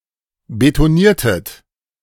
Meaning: inflection of betonieren: 1. second-person plural preterite 2. second-person plural subjunctive II
- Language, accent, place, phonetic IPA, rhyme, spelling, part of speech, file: German, Germany, Berlin, [betoˈniːɐ̯tət], -iːɐ̯tət, betoniertet, verb, De-betoniertet.ogg